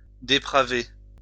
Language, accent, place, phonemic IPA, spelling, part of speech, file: French, France, Lyon, /de.pʁa.ve/, dépraver, verb, LL-Q150 (fra)-dépraver.wav
- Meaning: to corrupt, pervert, deprave